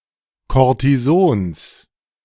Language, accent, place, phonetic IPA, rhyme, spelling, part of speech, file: German, Germany, Berlin, [ˌkoʁtiˈzoːns], -oːns, Kortisons, noun, De-Kortisons.ogg
- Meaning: genitive of Kortison